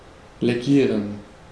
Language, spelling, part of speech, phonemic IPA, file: German, legieren, verb, /leˈɡiːʁən/, De-legieren.ogg
- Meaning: 1. to alloy 2. to thicken